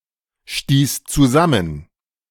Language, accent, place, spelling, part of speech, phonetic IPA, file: German, Germany, Berlin, stieß zusammen, verb, [ˌʃtiːs t͡suˈzamən], De-stieß zusammen.ogg
- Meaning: first/third-person singular preterite of zusammenstoßen